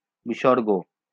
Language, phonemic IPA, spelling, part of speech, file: Bengali, /bi.ʃɔr.ɡo/, বিসর্গ, noun, LL-Q9610 (ben)-বিসর্গ.wav
- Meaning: visarga